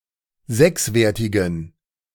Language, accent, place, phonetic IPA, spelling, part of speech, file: German, Germany, Berlin, [ˈzɛksˌveːɐ̯tɪɡn̩], sechswertigen, adjective, De-sechswertigen.ogg
- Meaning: inflection of sechswertig: 1. strong genitive masculine/neuter singular 2. weak/mixed genitive/dative all-gender singular 3. strong/weak/mixed accusative masculine singular 4. strong dative plural